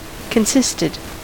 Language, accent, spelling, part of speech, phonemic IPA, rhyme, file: English, US, consisted, verb, /kənˈsɪstɪd/, -ɪstɪd, En-us-consisted.ogg
- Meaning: simple past and past participle of consist